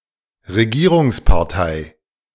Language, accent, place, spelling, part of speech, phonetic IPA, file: German, Germany, Berlin, Regierungspartei, noun, [ʁeˈɡiːʁʊŋspaʁˌtaɪ̯], De-Regierungspartei.ogg
- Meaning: ruling / governing (political) party